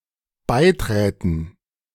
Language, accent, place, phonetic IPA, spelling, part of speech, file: German, Germany, Berlin, [ˈbaɪ̯ˌtʁɛːtn̩], beiträten, verb, De-beiträten.ogg
- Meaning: first/third-person plural dependent subjunctive II of beitreten